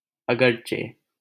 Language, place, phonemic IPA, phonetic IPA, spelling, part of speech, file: Hindi, Delhi, /ə.ɡəɾ.t͡ʃeː/, [ɐ.ɡɐɾ.t͡ʃeː], अगरचे, conjunction, LL-Q1568 (hin)-अगरचे.wav
- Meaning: although